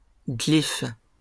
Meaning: 1. glyph (figure carved in relief) 2. glyph
- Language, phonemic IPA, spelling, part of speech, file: French, /ɡlif/, glyphe, noun, LL-Q150 (fra)-glyphe.wav